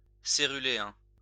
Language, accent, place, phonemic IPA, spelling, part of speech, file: French, France, Lyon, /se.ʁy.le.ɛ̃/, céruléen, adjective / noun, LL-Q150 (fra)-céruléen.wav
- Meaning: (adjective) cerulean